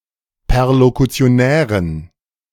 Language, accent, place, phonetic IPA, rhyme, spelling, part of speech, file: German, Germany, Berlin, [pɛʁlokut͡si̯oˈnɛːʁən], -ɛːʁən, perlokutionären, adjective, De-perlokutionären.ogg
- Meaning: inflection of perlokutionär: 1. strong genitive masculine/neuter singular 2. weak/mixed genitive/dative all-gender singular 3. strong/weak/mixed accusative masculine singular 4. strong dative plural